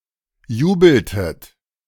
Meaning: inflection of jubeln: 1. second-person plural preterite 2. second-person plural subjunctive II
- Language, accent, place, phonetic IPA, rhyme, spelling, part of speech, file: German, Germany, Berlin, [ˈjuːbl̩tət], -uːbl̩tət, jubeltet, verb, De-jubeltet.ogg